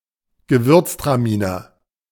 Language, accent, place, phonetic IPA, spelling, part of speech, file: German, Germany, Berlin, [ɡəˈvʏɐ̯tstʀaˌmiːnɐ], Gewürztraminer, proper noun, De-Gewürztraminer.ogg
- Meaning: 1. Gewürztraminer (an aromatic grape variety, used in white wines, performing best in cooler areas) 2. Gewürztraminer (a white wine made from this grape)